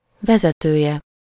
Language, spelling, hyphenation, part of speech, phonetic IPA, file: Hungarian, vezetője, ve‧ze‧tő‧je, noun, [ˈvɛzɛtøːjɛ], Hu-vezetője.ogg
- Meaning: third-person singular single-possession possessive of vezető